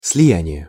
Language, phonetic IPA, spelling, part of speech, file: Russian, [s⁽ʲ⁾lʲɪˈjænʲɪje], слияние, noun, Ru-слияние.ogg
- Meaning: 1. merger (the act or process of merging) 2. fusion (merging of elements into a union) 3. confluence (point where two rivers or streams meet)